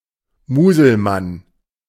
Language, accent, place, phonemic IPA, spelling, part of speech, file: German, Germany, Berlin, /ˈmuːzəlman/, Muselmann, noun, De-Muselmann.ogg
- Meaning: 1. Muslim, Mussulman 2. a prisoner in a Nazi concentration camp showing symptoms of starvation and exhaustion resigned to his impending death